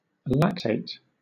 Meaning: 1. Any salt or ester of lactic acid 2. Ellipsis of lactate ion
- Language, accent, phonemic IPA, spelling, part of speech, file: English, Southern England, /ˈlæk.teɪt/, lactate, noun, LL-Q1860 (eng)-lactate.wav